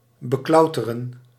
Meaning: to climb, to climb on(to)
- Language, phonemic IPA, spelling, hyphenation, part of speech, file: Dutch, /bəˈklɑu̯.tə.rə(n)/, beklauteren, be‧klau‧te‧ren, verb, Nl-beklauteren.ogg